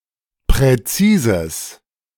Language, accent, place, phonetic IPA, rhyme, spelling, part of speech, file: German, Germany, Berlin, [pʁɛˈt͡siːzəs], -iːzəs, präzises, adjective, De-präzises.ogg
- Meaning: 1. strong/mixed nominative/accusative neuter singular of präzis 2. strong/mixed nominative/accusative neuter singular of präzise